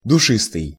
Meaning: fragrant, sweet-scented
- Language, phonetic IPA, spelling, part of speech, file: Russian, [dʊˈʂɨstɨj], душистый, adjective, Ru-душистый.ogg